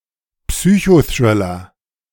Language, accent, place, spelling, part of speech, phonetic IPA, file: German, Germany, Berlin, Psychothriller, noun, [ˈpsyːçoˌθrɪlɐ], De-Psychothriller.ogg
- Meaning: psychothriller